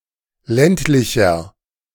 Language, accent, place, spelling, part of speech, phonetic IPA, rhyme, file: German, Germany, Berlin, ländlicher, adjective, [ˈlɛntlɪçɐ], -ɛntlɪçɐ, De-ländlicher.ogg
- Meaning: 1. comparative degree of ländlich 2. inflection of ländlich: strong/mixed nominative masculine singular 3. inflection of ländlich: strong genitive/dative feminine singular